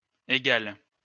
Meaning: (adjective) feminine singular of égal; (verb) inflection of égaler: 1. first/third-person singular present indicative/subjunctive 2. second-person singular imperative
- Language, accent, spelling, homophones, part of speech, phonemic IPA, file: French, France, égale, égal / égales, adjective / verb, /e.ɡal/, LL-Q150 (fra)-égale.wav